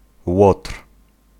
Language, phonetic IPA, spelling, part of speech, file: Polish, [wɔtr̥], łotr, noun, Pl-łotr.ogg